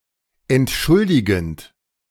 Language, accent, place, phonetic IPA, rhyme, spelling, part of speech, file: German, Germany, Berlin, [ɛntˈʃʊldɪɡn̩t], -ʊldɪɡn̩t, entschuldigend, verb, De-entschuldigend.ogg
- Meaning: present participle of entschuldigen